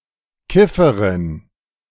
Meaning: a female pothead or stoner, woman consuming marijuana
- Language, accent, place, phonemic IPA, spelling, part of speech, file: German, Germany, Berlin, /ˈkɪfəʁɪn/, Kifferin, noun, De-Kifferin.ogg